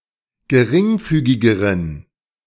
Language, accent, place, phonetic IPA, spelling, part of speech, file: German, Germany, Berlin, [ɡəˈʁɪŋˌfyːɡɪɡəʁən], geringfügigeren, adjective, De-geringfügigeren.ogg
- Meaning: inflection of geringfügig: 1. strong genitive masculine/neuter singular comparative degree 2. weak/mixed genitive/dative all-gender singular comparative degree